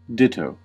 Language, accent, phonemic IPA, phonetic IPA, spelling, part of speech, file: English, US, /ˈdɪtoʊ/, [ˈdɪɾoʊ], ditto, noun / adverb / verb / interjection, En-us-ditto.ogg
- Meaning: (noun) That which was stated before, the aforesaid, the above, the same, likewise